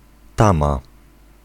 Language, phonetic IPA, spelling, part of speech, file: Polish, [ˈtãma], tama, noun, Pl-tama.ogg